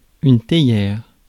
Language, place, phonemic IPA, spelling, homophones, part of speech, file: French, Paris, /te.jɛʁ/, théière, théières, noun, Fr-théière.ogg
- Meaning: teapot